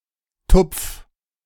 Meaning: 1. singular imperative of tupfen 2. first-person singular present of tupfen
- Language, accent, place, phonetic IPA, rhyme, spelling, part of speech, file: German, Germany, Berlin, [tʊp͡f], -ʊp͡f, tupf, verb, De-tupf.ogg